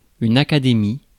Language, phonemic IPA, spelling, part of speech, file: French, /a.ka.de.mi/, académie, noun, Fr-académie.ogg
- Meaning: academy (learned society)